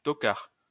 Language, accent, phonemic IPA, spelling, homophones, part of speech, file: French, France, /tɔ.kaʁ/, tocard, Tochare, adjective / noun, LL-Q150 (fra)-tocard.wav
- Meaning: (adjective) 1. tasteless, out of fashion, tacky, naff 2. unattractive; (noun) useless thing, worthless person or animal, loser